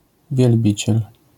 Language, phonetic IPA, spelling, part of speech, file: Polish, [vʲjɛlˈbʲit͡ɕɛl], wielbiciel, noun, LL-Q809 (pol)-wielbiciel.wav